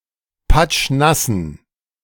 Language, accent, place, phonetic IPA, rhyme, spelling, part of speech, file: German, Germany, Berlin, [ˈpat͡ʃˈnasn̩], -asn̩, patschnassen, adjective, De-patschnassen.ogg
- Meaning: inflection of patschnass: 1. strong genitive masculine/neuter singular 2. weak/mixed genitive/dative all-gender singular 3. strong/weak/mixed accusative masculine singular 4. strong dative plural